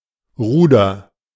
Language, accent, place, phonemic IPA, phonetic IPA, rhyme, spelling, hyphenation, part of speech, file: German, Germany, Berlin, /ˈruːdər/, [ˈʁuː.dɐ], -uːdɐ, Ruder, Ru‧der, noun, De-Ruder.ogg
- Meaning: 1. oar 2. rudder 3. control, power